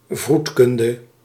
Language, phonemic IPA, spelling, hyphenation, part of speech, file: Dutch, /ˈvrut.kʏn.də/, vroedkunde, vroed‧kun‧de, noun, Nl-vroedkunde.ogg
- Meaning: midwifery, obstetrics